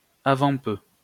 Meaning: before long
- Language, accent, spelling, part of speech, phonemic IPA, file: French, France, avant peu, adverb, /a.vɑ̃ pø/, LL-Q150 (fra)-avant peu.wav